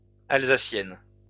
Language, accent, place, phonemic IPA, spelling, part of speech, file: French, France, Lyon, /al.za.sjɛn/, alsacienne, adjective, LL-Q150 (fra)-alsacienne.wav
- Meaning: feminine singular of alsacien